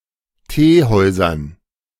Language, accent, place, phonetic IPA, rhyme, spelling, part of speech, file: German, Germany, Berlin, [ˈteːˌhɔɪ̯zɐn], -eːhɔɪ̯zɐn, Teehäusern, noun, De-Teehäusern.ogg
- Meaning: dative plural of Teehaus